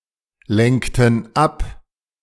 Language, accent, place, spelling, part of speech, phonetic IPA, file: German, Germany, Berlin, lenkten ab, verb, [ˌlɛŋktn̩ ˈap], De-lenkten ab.ogg
- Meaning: inflection of ablenken: 1. first/third-person plural preterite 2. first/third-person plural subjunctive II